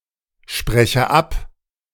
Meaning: inflection of absprechen: 1. first-person singular present 2. first/third-person singular subjunctive I
- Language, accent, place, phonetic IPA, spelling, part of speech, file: German, Germany, Berlin, [ˌʃpʁɛçə ˈap], spreche ab, verb, De-spreche ab.ogg